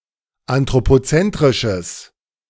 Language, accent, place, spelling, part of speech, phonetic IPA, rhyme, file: German, Germany, Berlin, anthropozentrisches, adjective, [antʁopoˈt͡sɛntʁɪʃəs], -ɛntʁɪʃəs, De-anthropozentrisches.ogg
- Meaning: strong/mixed nominative/accusative neuter singular of anthropozentrisch